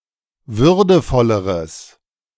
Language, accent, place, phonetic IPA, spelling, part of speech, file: German, Germany, Berlin, [ˈvʏʁdəfɔləʁəs], würdevolleres, adjective, De-würdevolleres.ogg
- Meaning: strong/mixed nominative/accusative neuter singular comparative degree of würdevoll